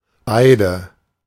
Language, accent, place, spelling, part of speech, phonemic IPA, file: German, Germany, Berlin, beide, determiner / pronoun, /ˈbaɪ̯də/, De-beide.ogg
- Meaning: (determiner) 1. both 2. two